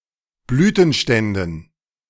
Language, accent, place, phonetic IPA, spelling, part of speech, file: German, Germany, Berlin, [ˈblyːtn̩ˌʃtɛndn̩], Blütenständen, noun, De-Blütenständen.ogg
- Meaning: dative plural of Blütenstand